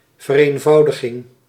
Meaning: simplification
- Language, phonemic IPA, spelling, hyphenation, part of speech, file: Dutch, /vəreɱˈvɑudəɣɪŋ/, vereenvoudiging, ver‧een‧vou‧di‧ging, noun, Nl-vereenvoudiging.ogg